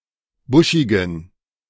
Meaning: inflection of buschig: 1. strong genitive masculine/neuter singular 2. weak/mixed genitive/dative all-gender singular 3. strong/weak/mixed accusative masculine singular 4. strong dative plural
- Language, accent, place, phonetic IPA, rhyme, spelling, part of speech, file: German, Germany, Berlin, [ˈbʊʃɪɡn̩], -ʊʃɪɡn̩, buschigen, adjective, De-buschigen.ogg